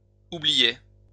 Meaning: first/second-person singular imperfect indicative of oublier
- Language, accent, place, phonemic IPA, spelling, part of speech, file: French, France, Lyon, /u.bli.jɛ/, oubliais, verb, LL-Q150 (fra)-oubliais.wav